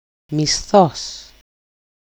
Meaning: salary, pay, wage
- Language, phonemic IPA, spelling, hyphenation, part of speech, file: Greek, /miˈsθos/, μισθός, μι‧σθός, noun, El-μισθός.ogg